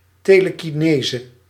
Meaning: telekinesis
- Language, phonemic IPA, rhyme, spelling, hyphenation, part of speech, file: Dutch, /ˌteː.lə.kiˈneː.zə/, -eːzə, telekinese, te‧le‧ki‧ne‧se, noun, Nl-telekinese.ogg